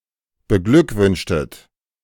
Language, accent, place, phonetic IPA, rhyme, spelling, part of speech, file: German, Germany, Berlin, [bəˈɡlʏkˌvʏnʃtət], -ʏkvʏnʃtət, beglückwünschtet, verb, De-beglückwünschtet.ogg
- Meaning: inflection of beglückwünschen: 1. second-person plural preterite 2. second-person plural subjunctive II